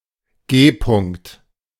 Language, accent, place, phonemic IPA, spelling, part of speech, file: German, Germany, Berlin, /ˈɡeːˌpʊŋkt/, G-Punkt, noun, De-G-Punkt.ogg
- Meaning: G-spot (sensitive, erogenous zone on the vagina)